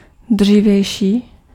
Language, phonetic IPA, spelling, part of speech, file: Czech, [ˈdr̝iːvjɛjʃiː], dřívější, adjective, Cs-dřívější.ogg
- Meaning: 1. former (such that used to be but is no more) 2. earlier